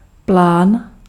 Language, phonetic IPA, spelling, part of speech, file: Czech, [ˈplaːn], plán, noun, Cs-plán.ogg
- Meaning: 1. plan (drawing showing technical details of an artifact) 2. plan (set of intended actions aimed at a goal)